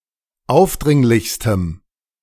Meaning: strong dative masculine/neuter singular superlative degree of aufdringlich
- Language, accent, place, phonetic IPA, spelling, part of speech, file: German, Germany, Berlin, [ˈaʊ̯fˌdʁɪŋlɪçstəm], aufdringlichstem, adjective, De-aufdringlichstem.ogg